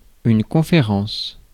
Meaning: 1. conference 2. lecture; talk
- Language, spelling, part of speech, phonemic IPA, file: French, conférence, noun, /kɔ̃.fe.ʁɑ̃s/, Fr-conférence.ogg